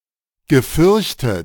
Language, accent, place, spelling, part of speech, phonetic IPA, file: German, Germany, Berlin, gefürchtet, verb, [ɡəˈfʏʁçtət], De-gefürchtet.ogg
- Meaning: past participle of fürchten